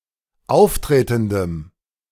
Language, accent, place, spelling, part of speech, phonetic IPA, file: German, Germany, Berlin, auftretendem, adjective, [ˈaʊ̯fˌtʁeːtn̩dəm], De-auftretendem.ogg
- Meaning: strong dative masculine/neuter singular of auftretend